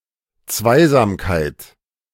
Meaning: togetherness, intimacy between two persons, most often romantic; tête-à-tête
- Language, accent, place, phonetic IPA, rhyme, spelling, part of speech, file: German, Germany, Berlin, [ˈt͡svaɪ̯zaːmkaɪ̯t], -aɪ̯zaːmkaɪ̯t, Zweisamkeit, noun, De-Zweisamkeit.ogg